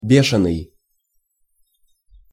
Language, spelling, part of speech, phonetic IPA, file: Russian, бешеный, adjective, [ˈbʲeʂɨnɨj], Ru-бешеный.ogg
- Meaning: 1. rabid, mad 2. furious, frantic, wild